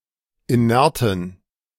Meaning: inflection of inert: 1. strong genitive masculine/neuter singular 2. weak/mixed genitive/dative all-gender singular 3. strong/weak/mixed accusative masculine singular 4. strong dative plural
- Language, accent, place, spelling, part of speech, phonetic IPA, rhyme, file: German, Germany, Berlin, inerten, adjective, [iˈnɛʁtn̩], -ɛʁtn̩, De-inerten.ogg